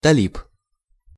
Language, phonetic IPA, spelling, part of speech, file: Russian, [tɐˈlʲip], талиб, noun, Ru-талиб.ogg
- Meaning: Talib (member of the Taliban)